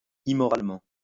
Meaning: immorally
- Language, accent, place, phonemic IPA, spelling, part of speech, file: French, France, Lyon, /i.mɔ.ʁal.mɑ̃/, immoralement, adverb, LL-Q150 (fra)-immoralement.wav